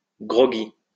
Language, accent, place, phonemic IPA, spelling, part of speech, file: French, France, Lyon, /ɡʁɔ.ɡi/, groggy, adjective, LL-Q150 (fra)-groggy.wav
- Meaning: groggy